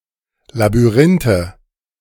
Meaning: nominative/accusative/genitive plural of Labyrinth
- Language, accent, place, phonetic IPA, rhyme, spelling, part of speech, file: German, Germany, Berlin, [labyˈʁɪntə], -ɪntə, Labyrinthe, noun, De-Labyrinthe.ogg